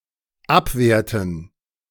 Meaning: inflection of abwehren: 1. first/third-person plural dependent preterite 2. first/third-person plural dependent subjunctive II
- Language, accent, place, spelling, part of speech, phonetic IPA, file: German, Germany, Berlin, abwehrten, verb, [ˈapˌveːɐ̯tn̩], De-abwehrten.ogg